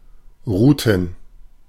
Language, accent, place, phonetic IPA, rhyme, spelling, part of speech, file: German, Germany, Berlin, [ˈʁuːtn̩], -uːtn̩, Routen, noun, De-Routen.ogg
- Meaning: plural of Route